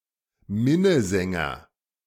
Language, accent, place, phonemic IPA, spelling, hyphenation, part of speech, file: German, Germany, Berlin, /ˈmɪnəˌzɛŋɐ/, Minnesänger, Min‧ne‧sän‧ger, noun, De-Minnesänger.ogg
- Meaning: minnesinger